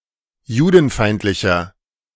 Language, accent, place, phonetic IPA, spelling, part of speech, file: German, Germany, Berlin, [ˈjuːdn̩ˌfaɪ̯ntlɪçɐ], judenfeindlicher, adjective, De-judenfeindlicher.ogg
- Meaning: 1. comparative degree of judenfeindlich 2. inflection of judenfeindlich: strong/mixed nominative masculine singular 3. inflection of judenfeindlich: strong genitive/dative feminine singular